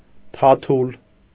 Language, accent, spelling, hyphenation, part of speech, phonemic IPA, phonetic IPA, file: Armenian, Eastern Armenian, թաթուլ, թա‧թուլ, noun, /tʰɑˈtʰul/, [tʰɑtʰúl], Hy-թաթուլ.ogg
- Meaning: 1. paw (front) 2. dialectal form of փաթիլ (pʻatʻil, “tuft, flock of wool”)